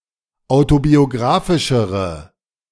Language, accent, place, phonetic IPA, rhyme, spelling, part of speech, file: German, Germany, Berlin, [ˌaʊ̯tobioˈɡʁaːfɪʃəʁə], -aːfɪʃəʁə, autobiographischere, adjective, De-autobiographischere.ogg
- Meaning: inflection of autobiographisch: 1. strong/mixed nominative/accusative feminine singular comparative degree 2. strong nominative/accusative plural comparative degree